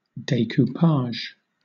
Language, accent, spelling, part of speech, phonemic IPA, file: English, Southern England, decoupage, noun / verb, /ˌdeɪkuːˈpɑːʒ/, LL-Q1860 (eng)-decoupage.wav
- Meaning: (noun) An art technique in which paper cutouts (either from magazines etc or specially made) are glued onto the surface of an object and sometimes painted or decorated